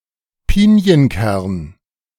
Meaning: pine nut (edible seeds of evergreen pine)
- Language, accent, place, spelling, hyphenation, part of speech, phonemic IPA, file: German, Germany, Berlin, Pinienkern, Pi‧ni‧en‧kern, noun, /ˈpiːniənˌkɛʁn/, De-Pinienkern.ogg